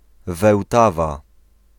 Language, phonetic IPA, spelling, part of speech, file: Polish, [vɛwˈtava], Wełtawa, proper noun, Pl-Wełtawa.ogg